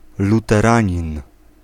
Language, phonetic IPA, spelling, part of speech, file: Polish, [ˌlutɛˈrãɲĩn], luteranin, noun, Pl-luteranin.ogg